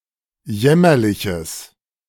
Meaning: strong/mixed nominative/accusative neuter singular of jämmerlich
- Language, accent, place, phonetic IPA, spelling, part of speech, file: German, Germany, Berlin, [ˈjɛmɐlɪçəs], jämmerliches, adjective, De-jämmerliches.ogg